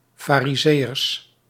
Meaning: plural of farizeeër
- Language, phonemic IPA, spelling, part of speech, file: Dutch, /fariˈzejərs/, farizeeërs, noun, Nl-farizeeërs.ogg